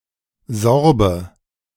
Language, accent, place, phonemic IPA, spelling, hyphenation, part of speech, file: German, Germany, Berlin, /ˈzɔʁbə/, Sorbe, Sor‧be, noun, De-Sorbe.ogg
- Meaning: Sorb